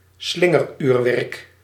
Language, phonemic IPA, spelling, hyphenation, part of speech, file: Dutch, /ˈslɪ.ŋərˌyːr.ʋɛrk/, slingeruurwerk, slin‧ger‧uur‧werk, noun, Nl-slingeruurwerk.ogg
- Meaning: pendulum clock